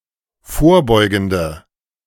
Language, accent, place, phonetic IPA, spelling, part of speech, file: German, Germany, Berlin, [ˈfoːɐ̯ˌbɔɪ̯ɡn̩də], vorbeugende, adjective, De-vorbeugende.ogg
- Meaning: inflection of vorbeugend: 1. strong/mixed nominative/accusative feminine singular 2. strong nominative/accusative plural 3. weak nominative all-gender singular